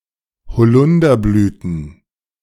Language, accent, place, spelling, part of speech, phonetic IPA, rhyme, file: German, Germany, Berlin, bezeuget, verb, [bəˈt͡sɔɪ̯ɡət], -ɔɪ̯ɡət, De-bezeuget.ogg
- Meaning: second-person plural subjunctive I of bezeugen